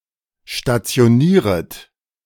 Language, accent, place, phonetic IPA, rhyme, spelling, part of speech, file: German, Germany, Berlin, [ʃtat͡si̯oˈniːʁət], -iːʁət, stationieret, verb, De-stationieret.ogg
- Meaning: second-person plural subjunctive I of stationieren